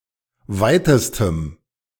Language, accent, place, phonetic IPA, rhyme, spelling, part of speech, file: German, Germany, Berlin, [ˈvaɪ̯təstəm], -aɪ̯təstəm, weitestem, adjective, De-weitestem.ogg
- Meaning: strong dative masculine/neuter singular superlative degree of weit